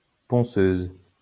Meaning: sander, sanding machine (machine used for sanding)
- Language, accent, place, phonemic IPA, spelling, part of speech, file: French, France, Lyon, /pɔ̃.søz/, ponceuse, noun, LL-Q150 (fra)-ponceuse.wav